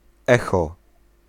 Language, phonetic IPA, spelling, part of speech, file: Polish, [ˈɛxɔ], echo, noun, Pl-echo.ogg